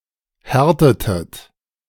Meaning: inflection of härten: 1. second-person plural preterite 2. second-person plural subjunctive II
- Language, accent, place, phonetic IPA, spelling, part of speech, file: German, Germany, Berlin, [ˈhɛʁtətət], härtetet, verb, De-härtetet.ogg